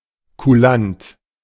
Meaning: obliging, fair
- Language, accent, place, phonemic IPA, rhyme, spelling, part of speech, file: German, Germany, Berlin, /kuˈlant/, -ant, kulant, adjective, De-kulant.ogg